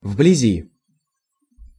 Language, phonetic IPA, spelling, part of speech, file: Russian, [vblʲɪˈzʲi], вблизи, adverb / preposition, Ru-вблизи.ogg
- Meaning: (adverb) around, nearby; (preposition) around, near